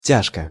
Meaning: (adverb) 1. sorely, gravely, heavily 2. with difficulty; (adjective) 1. it is heavy 2. it is hard 3. short neuter singular of тя́жкий (tjážkij)
- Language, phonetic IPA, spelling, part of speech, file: Russian, [ˈtʲaʂkə], тяжко, adverb / adjective, Ru-тяжко.ogg